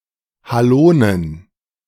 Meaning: plural of Halo
- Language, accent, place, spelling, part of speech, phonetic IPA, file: German, Germany, Berlin, Halonen, noun, [haˈloːnən], De-Halonen.ogg